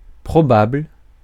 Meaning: likely, probable
- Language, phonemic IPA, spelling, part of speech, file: French, /pʁɔ.babl/, probable, adjective, Fr-probable.ogg